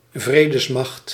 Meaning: peacekeeping force
- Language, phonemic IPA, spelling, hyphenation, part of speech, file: Dutch, /ˈvreː.dəsˌmɑxt/, vredesmacht, vre‧des‧macht, noun, Nl-vredesmacht.ogg